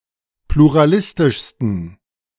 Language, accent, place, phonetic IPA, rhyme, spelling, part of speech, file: German, Germany, Berlin, [pluʁaˈlɪstɪʃstn̩], -ɪstɪʃstn̩, pluralistischsten, adjective, De-pluralistischsten.ogg
- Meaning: 1. superlative degree of pluralistisch 2. inflection of pluralistisch: strong genitive masculine/neuter singular superlative degree